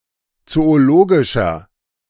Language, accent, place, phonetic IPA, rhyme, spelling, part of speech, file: German, Germany, Berlin, [ˌt͡sooˈloːɡɪʃɐ], -oːɡɪʃɐ, zoologischer, adjective, De-zoologischer.ogg
- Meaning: inflection of zoologisch: 1. strong/mixed nominative masculine singular 2. strong genitive/dative feminine singular 3. strong genitive plural